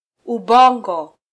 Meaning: 1. brain 2. intelligence
- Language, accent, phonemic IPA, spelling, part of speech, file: Swahili, Kenya, /uˈɓɔ.ᵑɡɔ/, ubongo, noun, Sw-ke-ubongo.flac